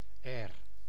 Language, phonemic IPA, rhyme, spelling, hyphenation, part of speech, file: Dutch, /ɛːr/, -ɛːr, air, air, noun, Nl-air.ogg
- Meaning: 1. air, pretension or pretentious attitude 2. tune, melody